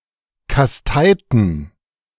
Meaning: inflection of kasteien: 1. first/third-person plural preterite 2. first/third-person plural subjunctive II
- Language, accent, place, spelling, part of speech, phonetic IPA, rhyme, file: German, Germany, Berlin, kasteiten, verb, [kasˈtaɪ̯tn̩], -aɪ̯tn̩, De-kasteiten.ogg